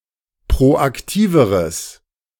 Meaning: strong/mixed nominative/accusative neuter singular comparative degree of proaktiv
- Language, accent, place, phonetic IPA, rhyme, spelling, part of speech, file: German, Germany, Berlin, [pʁoʔakˈtiːvəʁəs], -iːvəʁəs, proaktiveres, adjective, De-proaktiveres.ogg